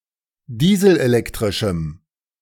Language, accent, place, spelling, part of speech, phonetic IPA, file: German, Germany, Berlin, dieselelektrischem, adjective, [ˈdiːzl̩ʔeˌlɛktʁɪʃm̩], De-dieselelektrischem.ogg
- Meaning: strong dative masculine/neuter singular of dieselelektrisch